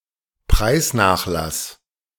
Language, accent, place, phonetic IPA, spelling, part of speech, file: German, Germany, Berlin, [ˈpʁaɪ̯sˌnaːxlas], Preisnachlass, noun, De-Preisnachlass.ogg
- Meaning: discount